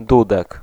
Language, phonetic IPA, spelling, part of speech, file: Polish, [ˈdudɛk], dudek, noun, Pl-dudek.ogg